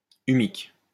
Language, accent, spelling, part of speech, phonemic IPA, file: French, France, humique, adjective, /y.mik/, LL-Q150 (fra)-humique.wav
- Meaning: humic